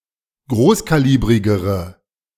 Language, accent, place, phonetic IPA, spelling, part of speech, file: German, Germany, Berlin, [ˈɡʁoːskaˌliːbʁɪɡəʁə], großkalibrigere, adjective, De-großkalibrigere.ogg
- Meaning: inflection of großkalibrig: 1. strong/mixed nominative/accusative feminine singular comparative degree 2. strong nominative/accusative plural comparative degree